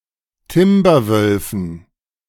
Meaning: dative plural of Timberwolf
- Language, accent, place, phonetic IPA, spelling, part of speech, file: German, Germany, Berlin, [ˈtɪmbɐˌvœlfn̩], Timberwölfen, noun, De-Timberwölfen.ogg